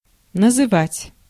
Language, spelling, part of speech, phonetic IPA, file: Russian, называть, verb, [nəzɨˈvatʲ], Ru-называть.ogg
- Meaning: 1. to name, to specify 2. to call 3. to convene, to invite many people